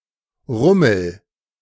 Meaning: 1. bustle, fuss 2. fair, funfair
- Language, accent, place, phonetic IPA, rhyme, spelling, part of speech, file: German, Germany, Berlin, [ˈʁʊml̩], -ʊml̩, Rummel, noun, De-Rummel.ogg